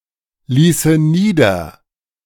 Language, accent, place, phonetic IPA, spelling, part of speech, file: German, Germany, Berlin, [ˌliːsə ˈniːdɐ], ließe nieder, verb, De-ließe nieder.ogg
- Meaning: first/third-person singular subjunctive II of niederlassen